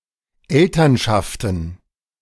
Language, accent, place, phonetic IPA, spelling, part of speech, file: German, Germany, Berlin, [ˈɛltɐnˌʃaftn̩], Elternschaften, noun, De-Elternschaften.ogg
- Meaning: plural of Elternschaft